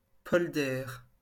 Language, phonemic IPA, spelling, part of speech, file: French, /pɔl.dɛʁ/, polder, noun, LL-Q150 (fra)-polder.wav
- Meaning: polder